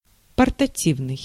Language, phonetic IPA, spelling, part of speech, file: Russian, [pərtɐˈtʲivnɨj], портативный, adjective, Ru-портативный.ogg
- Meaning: portable